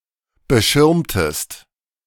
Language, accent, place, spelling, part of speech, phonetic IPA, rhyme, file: German, Germany, Berlin, beschirmtest, verb, [bəˈʃɪʁmtəst], -ɪʁmtəst, De-beschirmtest.ogg
- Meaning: inflection of beschirmen: 1. second-person singular preterite 2. second-person singular subjunctive II